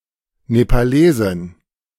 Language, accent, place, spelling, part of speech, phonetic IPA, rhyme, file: German, Germany, Berlin, Nepalesin, noun, [nepaˈleːzɪn], -eːzɪn, De-Nepalesin.ogg
- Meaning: female equivalent of Nepalese (“person from Nepal”)